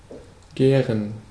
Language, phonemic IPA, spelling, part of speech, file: German, /ˈɡɛːrən/, gären, verb, De-gären.ogg
- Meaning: 1. to ferment 2. to be agitated; to seethe